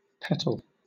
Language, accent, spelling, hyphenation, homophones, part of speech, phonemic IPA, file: English, Southern England, petal, pet‧al, peddle, noun / verb, /ˈpɛtl̩/, LL-Q1860 (eng)-petal.wav